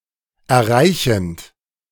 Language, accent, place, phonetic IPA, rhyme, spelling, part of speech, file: German, Germany, Berlin, [ɛɐ̯ˈʁaɪ̯çn̩t], -aɪ̯çn̩t, erreichend, verb, De-erreichend.ogg
- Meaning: present participle of erreichen